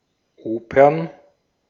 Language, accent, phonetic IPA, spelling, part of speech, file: German, Austria, [ˈoːpɐn], Opern, noun, De-at-Opern.ogg
- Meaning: plural of Oper